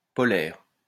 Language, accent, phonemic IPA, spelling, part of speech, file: French, France, /pɔ.lɛʁ/, polaire, adjective / noun, LL-Q150 (fra)-polaire.wav
- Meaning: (adjective) of a pole (of an axis); polar; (noun) 1. fleece 2. fleece jacket